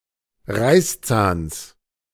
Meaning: genitive singular of Reißzahn
- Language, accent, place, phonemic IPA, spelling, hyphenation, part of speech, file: German, Germany, Berlin, /ˈʁaɪ̯sˌt͡saːns/, Reißzahns, Reiß‧zahns, noun, De-Reißzahns.ogg